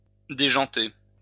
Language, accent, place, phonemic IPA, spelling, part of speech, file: French, France, Lyon, /de.ʒɑ̃.te/, déjanter, verb, LL-Q150 (fra)-déjanter.wav
- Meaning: 1. to come off the rim 2. to go crazy; to lose it